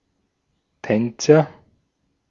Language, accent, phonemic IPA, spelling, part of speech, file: German, Austria, /ˈtɛnt͡sɐ/, Tänzer, noun, De-at-Tänzer.ogg
- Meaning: agent noun of tanzen; dancer